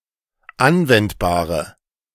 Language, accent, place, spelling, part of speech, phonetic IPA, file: German, Germany, Berlin, anwendbare, adjective, [ˈanvɛntbaːʁə], De-anwendbare.ogg
- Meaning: inflection of anwendbar: 1. strong/mixed nominative/accusative feminine singular 2. strong nominative/accusative plural 3. weak nominative all-gender singular